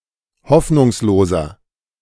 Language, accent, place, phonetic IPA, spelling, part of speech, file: German, Germany, Berlin, [ˈhɔfnʊŋsloːzɐ], hoffnungsloser, adjective, De-hoffnungsloser.ogg
- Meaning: 1. comparative degree of hoffnungslos 2. inflection of hoffnungslos: strong/mixed nominative masculine singular 3. inflection of hoffnungslos: strong genitive/dative feminine singular